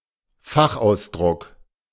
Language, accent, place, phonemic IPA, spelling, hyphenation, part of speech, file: German, Germany, Berlin, /ˈfaxʔaʊ̯sˌdʁʊk/, Fachausdruck, Fach‧aus‧druck, noun, De-Fachausdruck.ogg
- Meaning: technical term